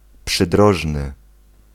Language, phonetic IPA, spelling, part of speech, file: Polish, [pʃɨˈdrɔʒnɨ], przydrożny, adjective, Pl-przydrożny.ogg